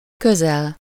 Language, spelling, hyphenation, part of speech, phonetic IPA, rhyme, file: Hungarian, közel, kö‧zel, adverb / noun, [ˈkøzɛl], -ɛl, Hu-közel.ogg
- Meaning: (adverb) 1. near (used with -hoz/-hez/-höz) 2. nearly (almost a given amount or result); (noun) vicinity, the place near something